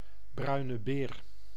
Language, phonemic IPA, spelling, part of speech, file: Dutch, /brœy̯.nə ˈbeːr/, bruine beer, noun, Nl-bruine beer.ogg
- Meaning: 1. brown bear (Ursus arctos) 2. dump, defecation, donation